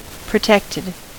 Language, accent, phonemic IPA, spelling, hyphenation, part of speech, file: English, US, /pɹəˈtɛktɪd/, protected, pro‧tect‧ed, adjective / verb, En-us-protected.ogg
- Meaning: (adjective) 1. defended 2. Having the protected access modifier, indicating that a program element is accessible to subclasses but not to the program in general